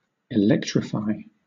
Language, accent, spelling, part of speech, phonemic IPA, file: English, Southern England, electrify, verb, /ɪˈlɛktɹɪfaɪ/, LL-Q1860 (eng)-electrify.wav
- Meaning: 1. To supply electricity to; to charge with electricity 2. To cause electricity to pass through; to affect by electricity; to give an electric shock to